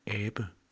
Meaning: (noun) 1. monkey 2. ape; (verb) mimic, ape
- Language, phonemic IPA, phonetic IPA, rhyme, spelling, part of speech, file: Danish, /aːbə/, [ˈæːb̥ə], -aːbə, abe, noun / verb, Da-cph-abe.ogg